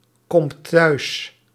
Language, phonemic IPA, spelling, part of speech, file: Dutch, /ˈkɔmt ˈtœys/, komt thuis, verb, Nl-komt thuis.ogg
- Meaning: inflection of thuiskomen: 1. second/third-person singular present indicative 2. plural imperative